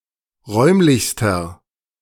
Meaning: inflection of räumlich: 1. strong/mixed nominative masculine singular superlative degree 2. strong genitive/dative feminine singular superlative degree 3. strong genitive plural superlative degree
- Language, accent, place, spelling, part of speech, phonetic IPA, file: German, Germany, Berlin, räumlichster, adjective, [ˈʁɔɪ̯mlɪçstɐ], De-räumlichster.ogg